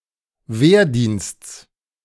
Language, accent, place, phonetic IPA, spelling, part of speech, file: German, Germany, Berlin, [ˈveːɐ̯ˌdiːnst͡s], Wehrdiensts, noun, De-Wehrdiensts.ogg
- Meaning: genitive of Wehrdienst